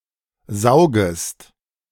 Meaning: second-person singular subjunctive I of saugen
- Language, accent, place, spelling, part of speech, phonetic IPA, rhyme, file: German, Germany, Berlin, saugest, verb, [ˈzaʊ̯ɡəst], -aʊ̯ɡəst, De-saugest.ogg